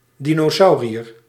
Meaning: dinosaur
- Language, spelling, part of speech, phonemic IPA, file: Dutch, dinosauriër, noun, /ˌdi.noːˈsɑu̯.ri.ər/, Nl-dinosauriër.ogg